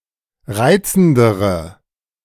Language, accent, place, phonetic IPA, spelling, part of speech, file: German, Germany, Berlin, [ˈʁaɪ̯t͡sn̩dəʁə], reizendere, adjective, De-reizendere.ogg
- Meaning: inflection of reizend: 1. strong/mixed nominative/accusative feminine singular comparative degree 2. strong nominative/accusative plural comparative degree